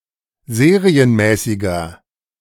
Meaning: inflection of serienmäßig: 1. strong/mixed nominative masculine singular 2. strong genitive/dative feminine singular 3. strong genitive plural
- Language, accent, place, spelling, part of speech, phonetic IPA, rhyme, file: German, Germany, Berlin, serienmäßiger, adjective, [ˈzeːʁiənˌmɛːsɪɡɐ], -eːʁiənmɛːsɪɡɐ, De-serienmäßiger.ogg